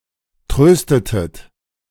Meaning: inflection of trösten: 1. second-person plural preterite 2. second-person plural subjunctive II
- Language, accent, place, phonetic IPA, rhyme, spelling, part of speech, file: German, Germany, Berlin, [ˈtʁøːstətət], -øːstətət, tröstetet, verb, De-tröstetet.ogg